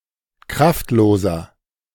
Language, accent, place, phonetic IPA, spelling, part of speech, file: German, Germany, Berlin, [ˈkʁaftˌloːzɐ], kraftloser, adjective, De-kraftloser.ogg
- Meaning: 1. comparative degree of kraftlos 2. inflection of kraftlos: strong/mixed nominative masculine singular 3. inflection of kraftlos: strong genitive/dative feminine singular